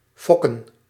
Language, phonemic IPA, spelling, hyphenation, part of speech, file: Dutch, /ˈfɔkə(n)/, fokken, fok‧ken, verb / noun, Nl-fokken.ogg
- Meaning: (verb) 1. to breed (animals) 2. to strike 3. to beget; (noun) plural of fok